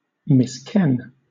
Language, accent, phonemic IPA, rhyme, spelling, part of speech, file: English, Southern England, /mɪsˈkɛn/, -ɛn, misken, verb, LL-Q1860 (eng)-misken.wav
- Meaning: 1. To mistake one for another; mistake in point of knowledge or recognition; misconceive 2. To fail to know; be ignorant or unaware of; appear to be ignorant of